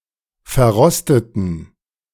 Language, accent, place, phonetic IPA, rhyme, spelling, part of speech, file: German, Germany, Berlin, [fɛɐ̯ˈʁɔstətn̩], -ɔstətn̩, verrosteten, adjective / verb, De-verrosteten.ogg
- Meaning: inflection of verrostet: 1. strong genitive masculine/neuter singular 2. weak/mixed genitive/dative all-gender singular 3. strong/weak/mixed accusative masculine singular 4. strong dative plural